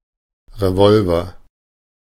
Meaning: revolver
- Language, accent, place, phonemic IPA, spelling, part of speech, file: German, Germany, Berlin, /ʁeˈvɔlvɐ/, Revolver, noun, De-Revolver.ogg